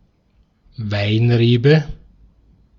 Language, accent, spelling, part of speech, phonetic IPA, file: German, Austria, Weinrebe, noun, [ˈvaɪ̯nˌʁeːbə], De-at-Weinrebe.ogg
- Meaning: grapevine